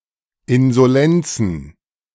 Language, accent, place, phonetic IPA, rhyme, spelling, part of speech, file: German, Germany, Berlin, [ɪnzoˈlɛnt͡sn̩], -ɛnt͡sn̩, Insolenzen, noun, De-Insolenzen.ogg
- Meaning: plural of Insolenz